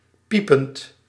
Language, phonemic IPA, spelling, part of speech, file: Dutch, /ˈpipənt/, piepend, verb / adjective, Nl-piepend.ogg
- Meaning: present participle of piepen